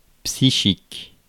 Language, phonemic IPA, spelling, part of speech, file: French, /psi.ʃik/, psychique, adjective, Fr-psychique.ogg
- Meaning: psychic